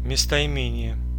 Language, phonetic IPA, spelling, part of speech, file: Russian, [mʲɪstəɪˈmʲenʲɪje], местоимение, noun, Ru-местоимение.ogg
- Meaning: pronoun